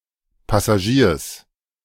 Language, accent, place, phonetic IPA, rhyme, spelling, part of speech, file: German, Germany, Berlin, [ˌpasaˈʒiːɐ̯s], -iːɐ̯s, Passagiers, noun, De-Passagiers.ogg
- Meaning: genitive singular of Passagier